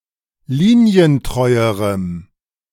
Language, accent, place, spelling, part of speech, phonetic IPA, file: German, Germany, Berlin, linientreuerem, adjective, [ˈliːni̯ənˌtʁɔɪ̯əʁəm], De-linientreuerem.ogg
- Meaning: strong dative masculine/neuter singular comparative degree of linientreu